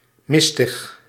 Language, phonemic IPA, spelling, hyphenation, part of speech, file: Dutch, /ˈmɪs.təx/, mistig, mis‧tig, adjective, Nl-mistig.ogg
- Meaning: 1. misty 2. vague, unclear